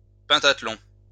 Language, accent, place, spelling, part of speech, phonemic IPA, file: French, France, Lyon, pentathlon, noun, /pɛ̃.tat.lɔ̃/, LL-Q150 (fra)-pentathlon.wav
- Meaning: pentathlon (discipline made up of five events)